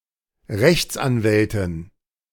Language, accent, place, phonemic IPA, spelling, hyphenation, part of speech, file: German, Germany, Berlin, /ˈʁɛçt͡sʔanˌvɛltɪn/, Rechtsanwältin, Rechts‧an‧wäl‧tin, noun, De-Rechtsanwältin.ogg
- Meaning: female equivalent of Rechtsanwalt